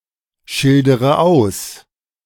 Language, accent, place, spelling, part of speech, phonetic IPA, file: German, Germany, Berlin, schildere aus, verb, [ˌʃɪldəʁə ˈaʊ̯s], De-schildere aus.ogg
- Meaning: inflection of ausschildern: 1. first-person singular present 2. first/third-person singular subjunctive I 3. singular imperative